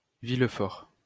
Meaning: 1. Villefort (a village and commune of Aude department, Occitania, France) 2. Villefort (a village and commune of Lozère department, Occitania, France)
- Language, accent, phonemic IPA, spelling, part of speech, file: French, France, /vil.fɔʁ/, Villefort, proper noun, LL-Q150 (fra)-Villefort.wav